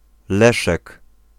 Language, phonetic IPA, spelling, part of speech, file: Polish, [ˈlɛʃɛk], Leszek, proper noun, Pl-Leszek.ogg